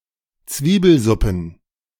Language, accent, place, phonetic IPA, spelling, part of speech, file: German, Germany, Berlin, [ˈt͡sviːbl̩ˌzʊpn̩], Zwiebelsuppen, noun, De-Zwiebelsuppen.ogg
- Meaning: plural of Zwiebelsuppe